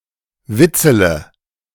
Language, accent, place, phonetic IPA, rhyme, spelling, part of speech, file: German, Germany, Berlin, [ˈvɪt͡sələ], -ɪt͡sələ, witzele, verb, De-witzele.ogg
- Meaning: inflection of witzeln: 1. first-person singular present 2. first-person plural subjunctive I 3. third-person singular subjunctive I 4. singular imperative